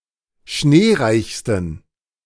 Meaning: 1. superlative degree of schneereich 2. inflection of schneereich: strong genitive masculine/neuter singular superlative degree
- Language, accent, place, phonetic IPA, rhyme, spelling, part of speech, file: German, Germany, Berlin, [ˈʃneːˌʁaɪ̯çstn̩], -eːʁaɪ̯çstn̩, schneereichsten, adjective, De-schneereichsten.ogg